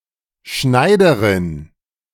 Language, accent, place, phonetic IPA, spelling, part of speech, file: German, Germany, Berlin, [ˈʃnaɪ̯dəʁɪn], Schneiderin, noun, De-Schneiderin.ogg
- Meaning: tailor (female), tailoress